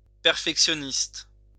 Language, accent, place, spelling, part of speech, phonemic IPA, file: French, France, Lyon, perfectionniste, noun, /pɛʁ.fɛk.sjɔ.nist/, LL-Q150 (fra)-perfectionniste.wav
- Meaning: perfectionist (person)